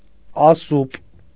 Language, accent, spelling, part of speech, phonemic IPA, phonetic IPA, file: Armenian, Eastern Armenian, ասուպ, noun, /ɑˈsup/, [ɑsúp], Hy-ասուպ.ogg
- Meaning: meteor, shooting star